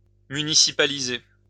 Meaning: to municipalize
- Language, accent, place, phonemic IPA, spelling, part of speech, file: French, France, Lyon, /my.ni.si.pa.li.ze/, municipaliser, verb, LL-Q150 (fra)-municipaliser.wav